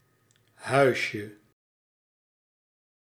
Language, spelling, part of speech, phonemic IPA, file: Dutch, huisje, noun, /ˈhœyʃə/, Nl-huisje.ogg
- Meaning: diminutive of huis